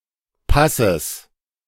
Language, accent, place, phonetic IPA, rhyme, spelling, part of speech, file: German, Germany, Berlin, [ˈpasəs], -asəs, Passes, noun, De-Passes.ogg
- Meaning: 1. genitive singular of Pass 2. genitive singular of Paß